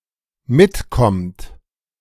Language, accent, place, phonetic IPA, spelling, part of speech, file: German, Germany, Berlin, [ˈmɪtˌkɔmt], mitkommt, verb, De-mitkommt.ogg
- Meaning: inflection of mitkommen: 1. third-person singular dependent present 2. second-person plural dependent present